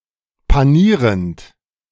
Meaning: present participle of panieren
- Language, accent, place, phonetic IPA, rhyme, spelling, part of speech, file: German, Germany, Berlin, [paˈniːʁənt], -iːʁənt, panierend, verb, De-panierend.ogg